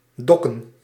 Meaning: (verb) 1. to pay, to pay up 2. to dock, to place in a dock 3. to dock, to go into a dock; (noun) plural of dok
- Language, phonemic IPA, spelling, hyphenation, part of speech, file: Dutch, /ˈdɔ.kə(n)/, dokken, dok‧ken, verb / noun, Nl-dokken.ogg